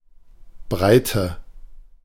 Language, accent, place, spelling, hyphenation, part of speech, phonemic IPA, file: German, Germany, Berlin, Breite, Brei‧te, noun / proper noun, /ˈbʁaɪ̯tə/, De-Breite.ogg
- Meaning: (noun) 1. breadth, width 2. latitude; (proper noun) a surname